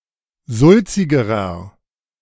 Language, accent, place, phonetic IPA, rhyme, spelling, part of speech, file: German, Germany, Berlin, [ˈzʊlt͡sɪɡəʁɐ], -ʊlt͡sɪɡəʁɐ, sulzigerer, adjective, De-sulzigerer.ogg
- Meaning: inflection of sulzig: 1. strong/mixed nominative masculine singular comparative degree 2. strong genitive/dative feminine singular comparative degree 3. strong genitive plural comparative degree